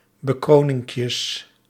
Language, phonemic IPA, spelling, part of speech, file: Dutch, /bəˈkronɪŋkjəs/, bekroninkjes, noun, Nl-bekroninkjes.ogg
- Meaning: plural of bekroninkje